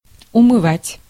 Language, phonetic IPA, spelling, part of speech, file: Russian, [ʊmɨˈvatʲ], умывать, verb, Ru-умывать.ogg
- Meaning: to wash